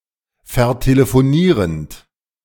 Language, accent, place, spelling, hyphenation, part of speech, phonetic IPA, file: German, Germany, Berlin, vertelefonierend, ver‧te‧le‧fo‧nie‧rend, verb, [fɛɐ̯teləfoˈniːʁənt], De-vertelefonierend.ogg
- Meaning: present participle of vertelefonieren